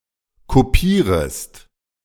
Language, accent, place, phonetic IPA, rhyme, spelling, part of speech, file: German, Germany, Berlin, [koˈpiːʁəst], -iːʁəst, kopierest, verb, De-kopierest.ogg
- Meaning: second-person singular subjunctive I of kopieren